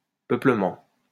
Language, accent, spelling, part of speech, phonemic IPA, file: French, France, peuplement, noun, /pœ.plə.mɑ̃/, LL-Q150 (fra)-peuplement.wav
- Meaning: populating (act of increasing a population, or of a population increasing)